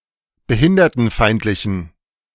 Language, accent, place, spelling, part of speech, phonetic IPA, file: German, Germany, Berlin, behindertenfeindlichen, adjective, [bəˈhɪndɐtn̩ˌfaɪ̯ntlɪçn̩], De-behindertenfeindlichen.ogg
- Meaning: inflection of behindertenfeindlich: 1. strong genitive masculine/neuter singular 2. weak/mixed genitive/dative all-gender singular 3. strong/weak/mixed accusative masculine singular